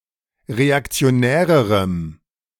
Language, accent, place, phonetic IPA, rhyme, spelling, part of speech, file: German, Germany, Berlin, [ʁeakt͡si̯oˈnɛːʁəʁəm], -ɛːʁəʁəm, reaktionärerem, adjective, De-reaktionärerem.ogg
- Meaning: strong dative masculine/neuter singular comparative degree of reaktionär